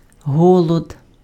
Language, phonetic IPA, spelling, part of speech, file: Ukrainian, [ˈɦɔɫɔd], голод, noun, Uk-голод.ogg
- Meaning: hunger